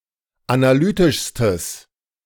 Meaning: strong/mixed nominative/accusative neuter singular superlative degree of analytisch
- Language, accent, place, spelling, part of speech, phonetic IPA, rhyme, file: German, Germany, Berlin, analytischstes, adjective, [anaˈlyːtɪʃstəs], -yːtɪʃstəs, De-analytischstes.ogg